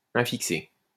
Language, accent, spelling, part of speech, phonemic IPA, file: French, France, infixer, verb, /ɛ̃.fik.se/, LL-Q150 (fra)-infixer.wav
- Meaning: to infix